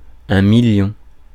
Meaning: million (10⁶)
- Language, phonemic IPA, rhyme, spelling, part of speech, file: French, /mi.ljɔ̃/, -ɔ̃, million, numeral, Fr-million.ogg